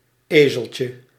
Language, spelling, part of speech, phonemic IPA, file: Dutch, ezeltje, noun, /ˈeː.zəl.tjə/, Nl-ezeltje.ogg
- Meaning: diminutive of ezel